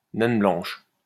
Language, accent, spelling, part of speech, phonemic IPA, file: French, France, naine blanche, noun, /nɛn blɑ̃ʃ/, LL-Q150 (fra)-naine blanche.wav
- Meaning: white dwarf (“white dwarf star”)